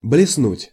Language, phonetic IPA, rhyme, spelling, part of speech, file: Russian, [blʲɪsˈnutʲ], -utʲ, блеснуть, verb, Ru-блеснуть.ogg
- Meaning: 1. to shine, to glitter, to sparkle, to flash 2. to be gifted, to shine, to sparkle 3. to flash across one's mind (perfective only)